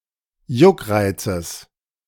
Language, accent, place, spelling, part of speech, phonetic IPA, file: German, Germany, Berlin, Juckreizes, noun, [ˈjʊkˌʁaɪ̯t͡səs], De-Juckreizes.ogg
- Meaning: genitive of Juckreiz